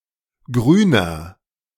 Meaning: inflection of grün: 1. strong/mixed nominative masculine singular 2. strong genitive/dative feminine singular 3. strong genitive plural
- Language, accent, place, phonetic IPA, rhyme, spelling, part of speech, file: German, Germany, Berlin, [ˈɡʁyːnɐ], -yːnɐ, grüner, adjective, De-grüner.ogg